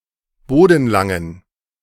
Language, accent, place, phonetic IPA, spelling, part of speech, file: German, Germany, Berlin, [ˈboːdn̩ˌlaŋən], bodenlangen, adjective, De-bodenlangen.ogg
- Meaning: inflection of bodenlang: 1. strong genitive masculine/neuter singular 2. weak/mixed genitive/dative all-gender singular 3. strong/weak/mixed accusative masculine singular 4. strong dative plural